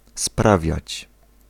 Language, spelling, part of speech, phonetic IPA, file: Polish, sprawiać, verb, [ˈspravʲjät͡ɕ], Pl-sprawiać.ogg